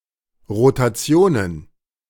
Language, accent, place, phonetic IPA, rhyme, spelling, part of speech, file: German, Germany, Berlin, [ʁotaˈt͡si̯oːnən], -oːnən, Rotationen, noun, De-Rotationen.ogg
- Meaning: plural of Rotation